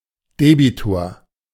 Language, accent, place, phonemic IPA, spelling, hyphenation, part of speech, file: German, Germany, Berlin, /ˈdeːbitoːɐ̯/, Debitor, De‧bi‧tor, noun, De-Debitor.ogg
- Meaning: debtor